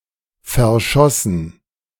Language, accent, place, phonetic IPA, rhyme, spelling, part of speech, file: German, Germany, Berlin, [fɛɐ̯ˈʃɔsn̩], -ɔsn̩, verschossen, verb, De-verschossen.ogg
- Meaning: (verb) past participle of verschießen; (adjective) 1. faded, spent 2. synonym of verknallt (“in love, having a crush”)